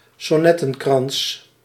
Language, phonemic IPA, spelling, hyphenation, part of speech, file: Dutch, /sɔˈnɛ.tə(n)ˌkrɑns/, sonnettenkrans, son‧net‧ten‧krans, noun, Nl-sonnettenkrans.ogg
- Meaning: a crown of sonnets